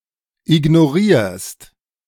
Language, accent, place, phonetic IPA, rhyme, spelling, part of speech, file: German, Germany, Berlin, [ɪɡnoˈʁiːɐ̯st], -iːɐ̯st, ignorierst, verb, De-ignorierst.ogg
- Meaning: second-person singular present of ignorieren